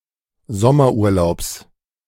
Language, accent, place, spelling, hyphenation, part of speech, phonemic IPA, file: German, Germany, Berlin, Sommerurlaubs, Som‧mer‧ur‧laubs, noun, /ˈzɔmɐʔuːɐ̯ˌlaʊ̯bs/, De-Sommerurlaubs.ogg
- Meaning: genitive singular of Sommerurlaub